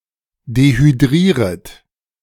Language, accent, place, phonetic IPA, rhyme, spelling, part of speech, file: German, Germany, Berlin, [dehyˈdʁiːʁət], -iːʁət, dehydrieret, verb, De-dehydrieret.ogg
- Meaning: second-person plural subjunctive I of dehydrieren